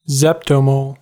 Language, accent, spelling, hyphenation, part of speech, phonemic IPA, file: English, US, zeptomole, zep‧to‧mole, noun, /ˈzɛptoʊˌmoʊl/, En-us-zeptomole.ogg
- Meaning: 10⁻²¹ mole, or about 600 molecules. SI symbol: zmol